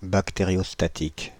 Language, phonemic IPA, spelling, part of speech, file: French, /bak.te.ʁjɔs.ta.tik/, bactériostatique, adjective, Fr-bactériostatique.ogg
- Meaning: bacteriostatic